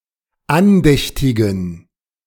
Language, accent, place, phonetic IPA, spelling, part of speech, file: German, Germany, Berlin, [ˈanˌdɛçtɪɡn̩], andächtigen, adjective, De-andächtigen.ogg
- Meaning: inflection of andächtig: 1. strong genitive masculine/neuter singular 2. weak/mixed genitive/dative all-gender singular 3. strong/weak/mixed accusative masculine singular 4. strong dative plural